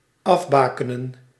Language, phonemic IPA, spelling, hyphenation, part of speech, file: Dutch, /ˈɑvˌbaːkənə(n)/, afbakenen, af‧ba‧ke‧nen, verb, Nl-afbakenen.ogg
- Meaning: to demarcate with beacons, stakes, or other signs, e.g. to stake out